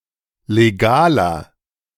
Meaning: inflection of legal: 1. strong/mixed nominative masculine singular 2. strong genitive/dative feminine singular 3. strong genitive plural
- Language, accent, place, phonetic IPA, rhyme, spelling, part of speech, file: German, Germany, Berlin, [leˈɡaːlɐ], -aːlɐ, legaler, adjective, De-legaler.ogg